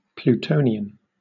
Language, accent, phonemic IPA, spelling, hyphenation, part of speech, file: English, Southern England, /pluːˈtəʊ.nɪ.ən/, Plutonian, Plu‧to‧ni‧an, adjective / noun, LL-Q1860 (eng)-Plutonian.wav
- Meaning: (adjective) Of or relating to Pluto, the Greek and Roman god of the underworld; demonic, infernal